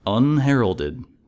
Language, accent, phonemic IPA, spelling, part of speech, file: English, US, /ʌnˈhɛɹəldɪd/, unheralded, adjective, En-us-unheralded.ogg
- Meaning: 1. Without prior warning; unexpected or unannounced 2. Not greeted with excitement or acclaim